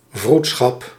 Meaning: a type of town council in the early modern Netherlands
- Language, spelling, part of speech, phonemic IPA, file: Dutch, vroedschap, noun, /ˈvrut.sxɑp/, Nl-vroedschap.ogg